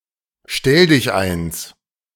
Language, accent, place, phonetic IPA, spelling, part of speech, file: German, Germany, Berlin, [ˈʃtɛldɪçˌaɪ̯ns], Stelldicheins, noun, De-Stelldicheins.ogg
- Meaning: 1. genitive of Stelldichein 2. plural of Stelldichein